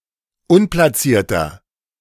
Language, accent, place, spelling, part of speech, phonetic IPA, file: German, Germany, Berlin, unplatzierter, adjective, [ˈʊnplaˌt͡siːɐ̯tɐ], De-unplatzierter.ogg
- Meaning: 1. comparative degree of unplatziert 2. inflection of unplatziert: strong/mixed nominative masculine singular 3. inflection of unplatziert: strong genitive/dative feminine singular